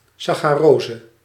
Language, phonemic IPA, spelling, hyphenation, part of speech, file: Dutch, /ˈsɑxaˌrozə/, sacharose, sa‧cha‧ro‧se, noun, Nl-sacharose.ogg
- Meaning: sucrose